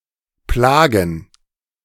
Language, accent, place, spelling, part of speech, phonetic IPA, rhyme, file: German, Germany, Berlin, Plagen, noun, [ˈplaːɡn̩], -aːɡn̩, De-Plagen.ogg
- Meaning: plural of Plage